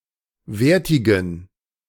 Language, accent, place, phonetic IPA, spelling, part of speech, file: German, Germany, Berlin, [ˈveːɐ̯tɪɡn̩], wertigen, adjective, De-wertigen.ogg
- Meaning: inflection of wertig: 1. strong genitive masculine/neuter singular 2. weak/mixed genitive/dative all-gender singular 3. strong/weak/mixed accusative masculine singular 4. strong dative plural